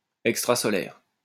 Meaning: extrasolar
- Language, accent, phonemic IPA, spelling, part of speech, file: French, France, /ɛk.stʁa.sɔ.lɛʁ/, extrasolaire, adjective, LL-Q150 (fra)-extrasolaire.wav